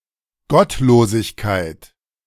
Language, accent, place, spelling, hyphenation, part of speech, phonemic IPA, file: German, Germany, Berlin, Gottlosigkeit, Gott‧lo‧sig‧keit, noun, /ˈɡɔtloːzɪçkaɪ̯t/, De-Gottlosigkeit.ogg
- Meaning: 1. wickedness 2. godlessness